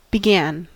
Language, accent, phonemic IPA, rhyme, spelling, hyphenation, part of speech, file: English, US, /bɪˈɡæn/, -æn, began, be‧gan, verb, En-us-began.ogg
- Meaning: 1. simple past of begin 2. past participle of begin